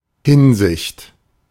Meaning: 1. regard, aspect, respect, viewpoint 2. concern
- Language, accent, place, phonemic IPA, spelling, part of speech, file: German, Germany, Berlin, /ˈhɪnzɪçt/, Hinsicht, noun, De-Hinsicht.ogg